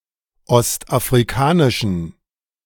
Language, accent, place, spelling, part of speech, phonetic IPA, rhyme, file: German, Germany, Berlin, ostafrikanischen, adjective, [ˌɔstʔafʁiˈkaːnɪʃn̩], -aːnɪʃn̩, De-ostafrikanischen.ogg
- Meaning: inflection of ostafrikanisch: 1. strong genitive masculine/neuter singular 2. weak/mixed genitive/dative all-gender singular 3. strong/weak/mixed accusative masculine singular 4. strong dative plural